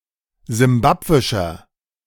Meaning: inflection of simbabwisch: 1. strong/mixed nominative masculine singular 2. strong genitive/dative feminine singular 3. strong genitive plural
- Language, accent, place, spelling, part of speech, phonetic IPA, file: German, Germany, Berlin, simbabwischer, adjective, [zɪmˈbapvɪʃɐ], De-simbabwischer.ogg